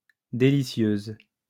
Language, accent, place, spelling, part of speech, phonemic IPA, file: French, France, Lyon, délicieuse, adjective, /de.li.sjøz/, LL-Q150 (fra)-délicieuse.wav
- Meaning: feminine singular of délicieux